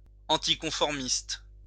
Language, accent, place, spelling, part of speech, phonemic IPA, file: French, France, Lyon, anticonformiste, adjective, /ɑ̃.ti.kɔ̃.fɔʁ.mist/, LL-Q150 (fra)-anticonformiste.wav
- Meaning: nonconformist